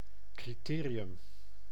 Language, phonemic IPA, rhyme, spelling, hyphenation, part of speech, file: Dutch, /ˌkriˈteː.ri.ʏm/, -eːriʏm, criterium, cri‧te‧ri‧um, noun, Nl-criterium.ogg
- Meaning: 1. criterion, standard for comparison and appreciation 2. notably in cycling, race of low athletic merit